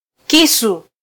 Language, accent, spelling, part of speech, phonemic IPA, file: Swahili, Kenya, kisu, noun, /ˈki.su/, Sw-ke-kisu.flac
- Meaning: knife